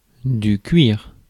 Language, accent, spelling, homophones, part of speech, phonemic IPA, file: French, France, cuir, cuirs / cuire, noun, /kɥiʁ/, Fr-cuir.ogg
- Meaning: 1. leather 2. a speech error consisting of incorrectly inserting a /t/ as a liaison between two words